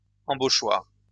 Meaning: shoetree
- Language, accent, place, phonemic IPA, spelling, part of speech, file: French, France, Lyon, /ɑ̃.bo.ʃwaʁ/, embauchoir, noun, LL-Q150 (fra)-embauchoir.wav